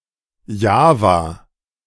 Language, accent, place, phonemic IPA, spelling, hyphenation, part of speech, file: German, Germany, Berlin, /ˈjaːvaː/, Java, Ja‧va, proper noun, De-Java.ogg
- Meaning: 1. Java (an island of Indonesia, the world's most populous island) 2. Java (programming language)